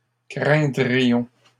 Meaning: first-person plural conditional of craindre
- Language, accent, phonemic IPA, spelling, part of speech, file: French, Canada, /kʁɛ̃.dʁi.jɔ̃/, craindrions, verb, LL-Q150 (fra)-craindrions.wav